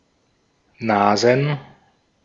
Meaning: plural of Nase "noses"
- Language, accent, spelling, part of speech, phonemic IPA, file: German, Austria, Nasen, noun, /ˈnaːzn/, De-at-Nasen.ogg